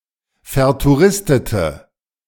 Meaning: inflection of vertouristet: 1. strong/mixed nominative/accusative feminine singular 2. strong nominative/accusative plural 3. weak nominative all-gender singular
- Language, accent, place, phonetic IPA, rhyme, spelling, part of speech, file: German, Germany, Berlin, [fɛɐ̯tuˈʁɪstətə], -ɪstətə, vertouristete, adjective, De-vertouristete.ogg